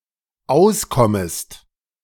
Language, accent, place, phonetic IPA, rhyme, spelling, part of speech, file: German, Germany, Berlin, [ˈaʊ̯sˌkɔməst], -aʊ̯skɔməst, auskommest, verb, De-auskommest.ogg
- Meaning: second-person singular dependent subjunctive I of auskommen